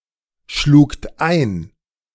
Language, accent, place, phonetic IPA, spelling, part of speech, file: German, Germany, Berlin, [ˌʃluːkt ˈaɪ̯n], schlugt ein, verb, De-schlugt ein.ogg
- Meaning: second-person plural preterite of einschlagen